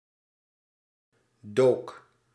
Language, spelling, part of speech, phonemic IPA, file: Dutch, dook, verb, /dok/, Nl-dook.ogg
- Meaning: singular past indicative of duiken